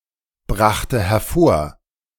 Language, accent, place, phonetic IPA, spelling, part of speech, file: German, Germany, Berlin, [ˌbʁaxtə hɛɐ̯ˈfoːɐ̯], brachte hervor, verb, De-brachte hervor.ogg
- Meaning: first/third-person singular preterite of hervorbringen